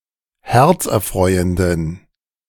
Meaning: inflection of herzerfreuend: 1. strong genitive masculine/neuter singular 2. weak/mixed genitive/dative all-gender singular 3. strong/weak/mixed accusative masculine singular 4. strong dative plural
- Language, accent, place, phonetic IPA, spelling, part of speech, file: German, Germany, Berlin, [ˈhɛʁt͡sʔɛɐ̯ˌfʁɔɪ̯əndn̩], herzerfreuenden, adjective, De-herzerfreuenden.ogg